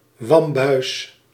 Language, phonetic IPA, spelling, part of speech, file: Dutch, [ˈʋɑmˌbœy̯s], wambuis, noun, Nl-wambuis.ogg
- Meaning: gambeson